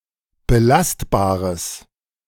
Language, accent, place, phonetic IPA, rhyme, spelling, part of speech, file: German, Germany, Berlin, [bəˈlastbaːʁəs], -astbaːʁəs, belastbares, adjective, De-belastbares.ogg
- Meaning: strong/mixed nominative/accusative neuter singular of belastbar